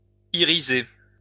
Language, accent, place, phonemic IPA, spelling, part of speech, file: French, France, Lyon, /i.ʁi.ze/, iriser, verb, LL-Q150 (fra)-iriser.wav
- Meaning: to make, or to become iridescent